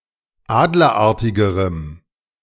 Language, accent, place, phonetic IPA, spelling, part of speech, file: German, Germany, Berlin, [ˈaːdlɐˌʔaʁtɪɡəʁəm], adlerartigerem, adjective, De-adlerartigerem.ogg
- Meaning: strong dative masculine/neuter singular comparative degree of adlerartig